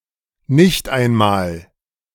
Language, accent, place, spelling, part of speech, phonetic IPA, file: German, Germany, Berlin, nicht einmal, phrase, [ˈnɪçt aɪ̯nˌmaːl], De-nicht einmal.ogg
- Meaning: not even